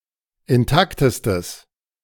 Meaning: strong/mixed nominative/accusative neuter singular superlative degree of intakt
- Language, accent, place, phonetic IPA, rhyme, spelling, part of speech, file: German, Germany, Berlin, [ɪnˈtaktəstəs], -aktəstəs, intaktestes, adjective, De-intaktestes.ogg